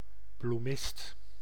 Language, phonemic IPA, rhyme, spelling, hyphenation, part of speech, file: Dutch, /bluˈmɪst/, -ɪst, bloemist, bloe‧mist, noun, Nl-bloemist.ogg
- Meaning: 1. florist, flowershop keeper 2. speculator in tulips around the time of the tulip mania